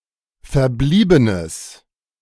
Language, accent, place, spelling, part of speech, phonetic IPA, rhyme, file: German, Germany, Berlin, verbliebenes, adjective, [fɛɐ̯ˈbliːbənəs], -iːbənəs, De-verbliebenes.ogg
- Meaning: strong/mixed nominative/accusative neuter singular of verblieben